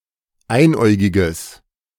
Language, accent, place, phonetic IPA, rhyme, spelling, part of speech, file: German, Germany, Berlin, [ˈaɪ̯nˌʔɔɪ̯ɡɪɡəs], -aɪ̯nʔɔɪ̯ɡɪɡəs, einäugiges, adjective, De-einäugiges.ogg
- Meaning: strong/mixed nominative/accusative neuter singular of einäugig